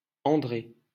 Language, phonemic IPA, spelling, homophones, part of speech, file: French, /ɑ̃.dʁe/, André, Andrée, proper noun, LL-Q150 (fra)-André.wav
- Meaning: 1. Andrew. (biblical character) 2. a male given name, equivalent to English Andrew 3. a surname originating as a patronymic